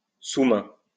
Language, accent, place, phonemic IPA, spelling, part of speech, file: French, France, Lyon, /su.mɛ̃/, sous-main, noun, LL-Q150 (fra)-sous-main.wav
- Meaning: a desk blotter